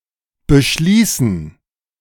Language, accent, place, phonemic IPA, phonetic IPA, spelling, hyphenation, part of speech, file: German, Germany, Berlin, /bəˈʃliːsən/, [bɘˈʃliːsn̩], beschließen, be‧schlie‧ßen, verb, De-beschließen.ogg
- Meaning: 1. to conclude, end; to terminate 2. to resolve, decide, determine 3. to confine, enclose; to close up